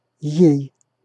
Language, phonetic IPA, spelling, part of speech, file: Russian, [jej], ей, pronoun, Ru-ей.ogg
- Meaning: dative/instrumental of она́ (oná)